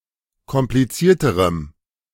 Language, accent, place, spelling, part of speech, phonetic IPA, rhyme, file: German, Germany, Berlin, komplizierterem, adjective, [kɔmpliˈt͡siːɐ̯təʁəm], -iːɐ̯təʁəm, De-komplizierterem.ogg
- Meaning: strong dative masculine/neuter singular comparative degree of kompliziert